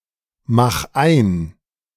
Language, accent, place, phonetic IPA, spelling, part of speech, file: German, Germany, Berlin, [ˌmax ˈaɪ̯n], mach ein, verb, De-mach ein.ogg
- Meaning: 1. singular imperative of einmachen 2. first-person singular present of einmachen